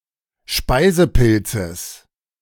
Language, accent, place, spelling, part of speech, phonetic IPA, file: German, Germany, Berlin, Speisepilzes, noun, [ˈʃpaɪ̯zəˌpɪlt͡səs], De-Speisepilzes.ogg
- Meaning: genitive singular of Speisepilz